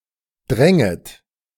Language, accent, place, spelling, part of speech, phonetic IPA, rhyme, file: German, Germany, Berlin, dränget, verb, [ˈdʁɛŋət], -ɛŋət, De-dränget.ogg
- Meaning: second-person plural subjunctive II of dringen